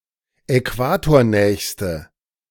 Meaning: inflection of äquatornah: 1. strong/mixed nominative/accusative feminine singular superlative degree 2. strong nominative/accusative plural superlative degree
- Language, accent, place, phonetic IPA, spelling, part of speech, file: German, Germany, Berlin, [ɛˈkvaːtoːɐ̯ˌnɛːçstə], äquatornächste, adjective, De-äquatornächste.ogg